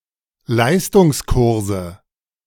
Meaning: nominative/accusative/genitive plural of Leistungskurs
- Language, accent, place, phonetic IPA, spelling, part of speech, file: German, Germany, Berlin, [ˈlaɪ̯stʊŋsˌkʊʁzə], Leistungskurse, noun, De-Leistungskurse.ogg